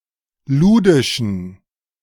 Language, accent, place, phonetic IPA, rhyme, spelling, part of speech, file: German, Germany, Berlin, [ˈluːdɪʃn̩], -uːdɪʃn̩, ludischen, adjective, De-ludischen.ogg
- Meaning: inflection of ludisch: 1. strong genitive masculine/neuter singular 2. weak/mixed genitive/dative all-gender singular 3. strong/weak/mixed accusative masculine singular 4. strong dative plural